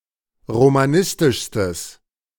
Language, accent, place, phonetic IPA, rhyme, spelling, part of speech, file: German, Germany, Berlin, [ʁomaˈnɪstɪʃstəs], -ɪstɪʃstəs, romanistischstes, adjective, De-romanistischstes.ogg
- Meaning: strong/mixed nominative/accusative neuter singular superlative degree of romanistisch